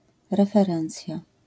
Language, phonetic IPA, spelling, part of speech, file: Polish, [ˌrɛfɛˈrɛ̃nt͡sʲja], referencja, noun, LL-Q809 (pol)-referencja.wav